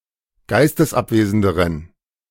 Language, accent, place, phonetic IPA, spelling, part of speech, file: German, Germany, Berlin, [ˈɡaɪ̯stəsˌʔapveːzn̩dəʁən], geistesabwesenderen, adjective, De-geistesabwesenderen.ogg
- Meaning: inflection of geistesabwesend: 1. strong genitive masculine/neuter singular comparative degree 2. weak/mixed genitive/dative all-gender singular comparative degree